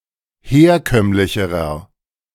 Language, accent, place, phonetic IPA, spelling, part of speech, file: German, Germany, Berlin, [ˈheːɐ̯ˌkœmlɪçəʁɐ], herkömmlicherer, adjective, De-herkömmlicherer.ogg
- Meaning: inflection of herkömmlich: 1. strong/mixed nominative masculine singular comparative degree 2. strong genitive/dative feminine singular comparative degree 3. strong genitive plural comparative degree